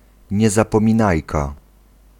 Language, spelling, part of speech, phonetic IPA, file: Polish, niezapominajka, noun, [ˌɲɛzapɔ̃mʲĩˈnajka], Pl-niezapominajka.ogg